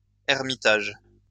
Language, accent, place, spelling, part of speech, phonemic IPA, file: French, France, Lyon, ermitage, noun, /ɛʁ.mi.taʒ/, LL-Q150 (fra)-ermitage.wav
- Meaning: 1. hermitage (dwelling place of hermit) 2. hideaway